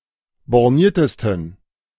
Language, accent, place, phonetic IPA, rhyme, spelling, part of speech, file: German, Germany, Berlin, [bɔʁˈniːɐ̯təstn̩], -iːɐ̯təstn̩, borniertesten, adjective, De-borniertesten.ogg
- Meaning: 1. superlative degree of borniert 2. inflection of borniert: strong genitive masculine/neuter singular superlative degree